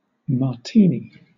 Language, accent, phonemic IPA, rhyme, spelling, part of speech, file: English, Southern England, /mɑːˈtiːni/, -iːni, martini, noun, LL-Q1860 (eng)-martini.wav
- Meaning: 1. A cocktail made with gin or vodka and vermouth 2. Any cocktail served in a cocktail glass, often sweet or fruity and aimed at women